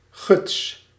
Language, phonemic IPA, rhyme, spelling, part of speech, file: Dutch, /ɣʏts/, -ʏts, guts, noun / verb, Nl-guts.ogg
- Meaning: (noun) 1. gouge, a suddenly flowing quantity of fluid 2. a chisel type with a hollow beak; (verb) inflection of gutsen: first-person singular present indicative